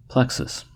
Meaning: 1. A network of anastomosing or interwoven nerves, blood vessels, or lymphatic vessels 2. An interwoven combination of parts or elements in a structure or system
- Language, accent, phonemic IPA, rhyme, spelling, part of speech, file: English, US, /ˈplɛk.səs/, -ɛksəs, plexus, noun, En-us-plexus.ogg